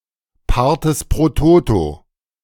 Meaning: plural of Pars pro Toto
- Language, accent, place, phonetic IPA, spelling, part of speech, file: German, Germany, Berlin, [ˌpaʁteːs pʁoː ˈtoːto], Partes pro Toto, noun, De-Partes pro Toto.ogg